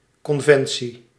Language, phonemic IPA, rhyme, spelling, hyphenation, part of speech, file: Dutch, /ˌkɔnˈvɛn.si/, -ɛnsi, conventie, con‧ven‧tie, noun, Nl-conventie.ogg
- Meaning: 1. agreement, accord 2. assembly, meeting, convention 3. convention, accepted standard